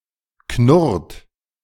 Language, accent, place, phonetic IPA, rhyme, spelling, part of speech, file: German, Germany, Berlin, [knʊʁt], -ʊʁt, knurrt, verb, De-knurrt.ogg
- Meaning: inflection of knurren: 1. third-person singular present 2. second-person plural present 3. plural imperative